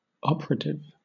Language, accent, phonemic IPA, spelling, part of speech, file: English, Southern England, /ˈɒpəɹətɪv/, operative, adjective / noun, LL-Q1860 (eng)-operative.wav
- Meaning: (adjective) 1. Effectual or important 2. Functional, in working order 3. Having the power of acting; hence, exerting force, physical or moral; active in the production of effects